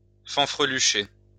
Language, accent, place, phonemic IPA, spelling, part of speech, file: French, France, Lyon, /fɑ̃.fʁə.ly.ʃe/, fanfrelucher, verb, LL-Q150 (fra)-fanfrelucher.wav
- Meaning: to decorate with frills